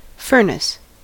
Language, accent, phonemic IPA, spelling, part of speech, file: English, US, /ˈfɝnɪs/, furnace, noun / verb, En-us-furnace.ogg
- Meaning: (noun) 1. An industrial heating device, such as for smelting metal or firing ceramics 2. A device that provides heat for a building 3. Any area that is excessively hot